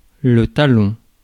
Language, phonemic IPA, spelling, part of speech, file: French, /ta.lɔ̃/, talon, noun, Fr-talon.ogg
- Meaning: 1. heel (part of the foot) 2. backheel 3. heel (of footwear) (especially high heel) 4. spur (sharp implement used to prod a horse) 5. the bottom or lower part of something